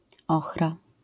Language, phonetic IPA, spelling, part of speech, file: Polish, [ˈɔxra], ochra, noun, LL-Q809 (pol)-ochra.wav